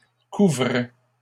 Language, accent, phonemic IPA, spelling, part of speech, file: French, Canada, /ku.vʁɛ/, couvrais, verb, LL-Q150 (fra)-couvrais.wav
- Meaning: first/second-person singular imperfect indicative of couvrir